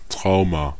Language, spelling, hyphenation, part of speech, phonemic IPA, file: German, Trauma, Trau‧ma, noun, /ˈtʁaʊ̯ma/, De-Trauma.ogg
- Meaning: 1. psychological trauma 2. trauma (serious injury)